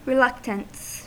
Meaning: 1. Unwillingness to do something 2. Hesitancy in taking some action 3. Defiance, disobedience 4. That property of a magnetic circuit analogous to resistance in an electric circuit
- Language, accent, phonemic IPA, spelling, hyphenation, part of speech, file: English, US, /ɹɪˈlʌktəns/, reluctance, re‧luc‧tance, noun, En-us-reluctance.ogg